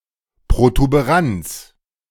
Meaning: 1. protuberance 2. solar prominence
- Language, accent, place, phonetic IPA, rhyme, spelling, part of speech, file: German, Germany, Berlin, [pʁotubeˈʁant͡s], -ant͡s, Protuberanz, noun, De-Protuberanz.ogg